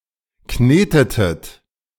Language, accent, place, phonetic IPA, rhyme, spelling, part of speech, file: German, Germany, Berlin, [ˈkneːtətət], -eːtətət, knetetet, verb, De-knetetet.ogg
- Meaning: inflection of kneten: 1. second-person plural preterite 2. second-person plural subjunctive II